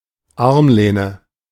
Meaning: armrest
- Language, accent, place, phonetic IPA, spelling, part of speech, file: German, Germany, Berlin, [ˈaʁmˌleːnə], Armlehne, noun, De-Armlehne.ogg